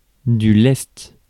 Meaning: dead weight; ballast
- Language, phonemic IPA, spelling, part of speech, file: French, /lɛst/, lest, noun, Fr-lest.ogg